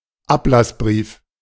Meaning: letter of indulgence
- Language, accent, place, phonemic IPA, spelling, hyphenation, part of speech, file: German, Germany, Berlin, /ˈaplasˌbʁiːf/, Ablassbrief, Ab‧lass‧brief, noun, De-Ablassbrief.ogg